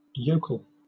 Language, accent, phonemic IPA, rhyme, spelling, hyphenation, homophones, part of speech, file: English, Southern England, /ˈjəʊ.kəl/, -əʊkəl, yokel, yo‧kel, jokul, noun, LL-Q1860 (eng)-yokel.wav
- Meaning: A person from or living in the countryside, viewed as being unsophisticated or naive